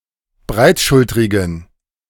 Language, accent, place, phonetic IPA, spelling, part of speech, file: German, Germany, Berlin, [ˈbʁaɪ̯tˌʃʊltʁɪɡn̩], breitschultrigen, adjective, De-breitschultrigen.ogg
- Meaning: inflection of breitschultrig: 1. strong genitive masculine/neuter singular 2. weak/mixed genitive/dative all-gender singular 3. strong/weak/mixed accusative masculine singular 4. strong dative plural